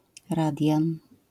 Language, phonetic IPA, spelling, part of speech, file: Polish, [ˈradʲjãn], radian, noun, LL-Q809 (pol)-radian.wav